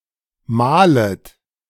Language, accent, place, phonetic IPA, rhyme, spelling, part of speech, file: German, Germany, Berlin, [ˈmaːlət], -aːlət, mahlet, verb, De-mahlet.ogg
- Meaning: second-person plural subjunctive I of mahlen